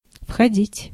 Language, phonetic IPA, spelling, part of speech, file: Russian, [fxɐˈdʲitʲ], входить, verb, Ru-входить.ogg
- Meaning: 1. to enter, to go in(to) (by foot), to get in(to) 2. to penetrate into 3. to be a part of / to be included